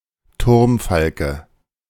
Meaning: kestrel (Falco tinnunculus)
- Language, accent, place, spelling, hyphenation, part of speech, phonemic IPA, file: German, Germany, Berlin, Turmfalke, Turm‧fal‧ke, noun, /ˈtʊrmˌfalkə/, De-Turmfalke.ogg